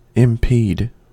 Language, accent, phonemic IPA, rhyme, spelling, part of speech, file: English, US, /ɪmˈpiːd/, -iːd, impede, verb, En-us-impede.ogg
- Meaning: To get in the way of; to hinder